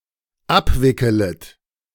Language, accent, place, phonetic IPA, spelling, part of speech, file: German, Germany, Berlin, [ˈapˌvɪkələt], abwickelet, verb, De-abwickelet.ogg
- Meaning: second-person plural dependent subjunctive I of abwickeln